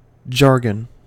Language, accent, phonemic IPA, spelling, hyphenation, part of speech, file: English, General American, /ˈd͡ʒɑɹ.ɡən/, jargon, jar‧gon, noun / verb, En-us-jargon.ogg
- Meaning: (noun) 1. A technical terminology unique to a particular subject 2. A language characteristic of a particular group 3. Speech or language that is incomprehensible or unintelligible; gibberish